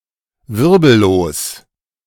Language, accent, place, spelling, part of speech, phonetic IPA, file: German, Germany, Berlin, wirbellos, adjective, [ˈvɪʁbl̩loːs], De-wirbellos.ogg
- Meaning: invertebrate